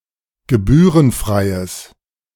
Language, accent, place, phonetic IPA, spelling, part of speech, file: German, Germany, Berlin, [ɡəˈbyːʁənˌfʁaɪ̯əs], gebührenfreies, adjective, De-gebührenfreies.ogg
- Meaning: strong/mixed nominative/accusative neuter singular of gebührenfrei